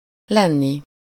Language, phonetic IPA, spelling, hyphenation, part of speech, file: Hungarian, [ˈlɛnːi], lenni, len‧ni, verb, Hu-lenni.ogg
- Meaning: 1. infinitive of van 2. infinitive of lesz